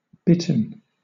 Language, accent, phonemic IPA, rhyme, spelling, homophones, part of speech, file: English, Southern England, /ˈbɪt.ən/, -ɪtən, bitten, Bitterne, verb / adjective, LL-Q1860 (eng)-bitten.wav
- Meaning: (verb) past participle of bite; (adjective) 1. That has received a bite 2. Abruptly cut off, as roots or leaves may be